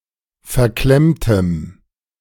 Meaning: strong dative masculine/neuter singular of verklemmt
- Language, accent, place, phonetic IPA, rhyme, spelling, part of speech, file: German, Germany, Berlin, [fɛɐ̯ˈklɛmtəm], -ɛmtəm, verklemmtem, adjective, De-verklemmtem.ogg